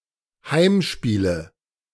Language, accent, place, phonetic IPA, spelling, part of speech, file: German, Germany, Berlin, [ˈhaɪ̯mˌʃpiːlə], Heimspiele, noun, De-Heimspiele.ogg
- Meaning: nominative/accusative/genitive plural of Heimspiel